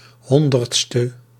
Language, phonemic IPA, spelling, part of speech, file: Dutch, /ˈhɔndərtstə/, 100e, adjective, Nl-100e.ogg
- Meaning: abbreviation of honderdste